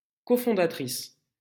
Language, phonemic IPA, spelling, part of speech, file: French, /kɔ.fɔ̃.da.tʁis/, cofondatrice, noun, LL-Q150 (fra)-cofondatrice.wav
- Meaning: female equivalent of cofondateur